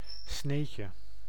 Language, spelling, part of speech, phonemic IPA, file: Dutch, sneetje, noun, /ˈsnecə/, Nl-sneetje.ogg
- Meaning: diminutive of snee